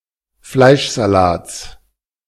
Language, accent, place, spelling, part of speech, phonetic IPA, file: German, Germany, Berlin, Fleischsalats, noun, [ˈflaɪ̯ʃzaˌlaːt͡s], De-Fleischsalats.ogg
- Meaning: genitive singular of Fleischsalat